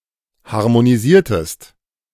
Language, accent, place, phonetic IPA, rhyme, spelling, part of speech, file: German, Germany, Berlin, [haʁmoniˈziːɐ̯təst], -iːɐ̯təst, harmonisiertest, verb, De-harmonisiertest.ogg
- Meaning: inflection of harmonisieren: 1. second-person singular preterite 2. second-person singular subjunctive II